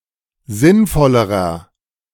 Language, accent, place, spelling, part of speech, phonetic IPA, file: German, Germany, Berlin, sinnvollerer, adjective, [ˈzɪnˌfɔləʁɐ], De-sinnvollerer.ogg
- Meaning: inflection of sinnvoll: 1. strong/mixed nominative masculine singular comparative degree 2. strong genitive/dative feminine singular comparative degree 3. strong genitive plural comparative degree